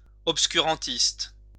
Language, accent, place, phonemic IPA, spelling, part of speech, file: French, France, Lyon, /ɔp.sky.ʁɑ̃.tist/, obscurantiste, noun, LL-Q150 (fra)-obscurantiste.wav
- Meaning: obscurantist